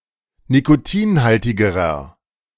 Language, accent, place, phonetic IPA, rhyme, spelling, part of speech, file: German, Germany, Berlin, [nikoˈtiːnˌhaltɪɡəʁɐ], -iːnhaltɪɡəʁɐ, nikotinhaltigerer, adjective, De-nikotinhaltigerer.ogg
- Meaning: inflection of nikotinhaltig: 1. strong/mixed nominative masculine singular comparative degree 2. strong genitive/dative feminine singular comparative degree